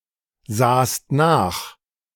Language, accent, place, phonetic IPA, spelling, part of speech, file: German, Germany, Berlin, [ˌzaːst ˈnaːx], sahst nach, verb, De-sahst nach.ogg
- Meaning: second-person singular preterite of nachsehen